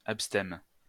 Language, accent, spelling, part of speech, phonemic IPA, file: French, France, abstème, adjective, /ap.stɛm/, LL-Q150 (fra)-abstème.wav
- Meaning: 1. refusing to receive communion in Church under the species of wine 2. abstaining from alcohol; abstemious; teetotal